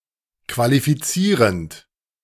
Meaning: present participle of qualifizieren
- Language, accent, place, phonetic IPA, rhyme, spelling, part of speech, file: German, Germany, Berlin, [kvalifiˈt͡siːʁənt], -iːʁənt, qualifizierend, verb, De-qualifizierend.ogg